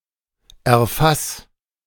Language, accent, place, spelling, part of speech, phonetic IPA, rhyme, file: German, Germany, Berlin, erfass, verb, [ɛɐ̯ˈfas], -as, De-erfass.ogg
- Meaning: 1. singular imperative of erfassen 2. first-person singular present of erfassen